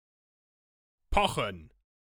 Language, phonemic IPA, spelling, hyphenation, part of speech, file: German, /ˈpɔxn̩/, pochen, po‧chen, verb, De-pochen.ogg
- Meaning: 1. to thump, to throb 2. to insist